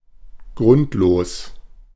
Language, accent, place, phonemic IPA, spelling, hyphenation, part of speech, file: German, Germany, Berlin, /ˈɡʁʊntloːs/, grundlos, grund‧los, adjective, De-grundlos.ogg
- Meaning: 1. without solid ground or floor 2. unfounded, groundless